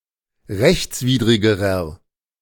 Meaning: inflection of rechtswidrig: 1. strong/mixed nominative masculine singular comparative degree 2. strong genitive/dative feminine singular comparative degree 3. strong genitive plural comparative degree
- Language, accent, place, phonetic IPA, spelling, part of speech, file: German, Germany, Berlin, [ˈʁɛçt͡sˌviːdʁɪɡəʁɐ], rechtswidrigerer, adjective, De-rechtswidrigerer.ogg